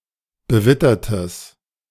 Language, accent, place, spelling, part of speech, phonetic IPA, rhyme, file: German, Germany, Berlin, bewittertes, adjective, [bəˈvɪtɐtəs], -ɪtɐtəs, De-bewittertes.ogg
- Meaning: strong/mixed nominative/accusative neuter singular of bewittert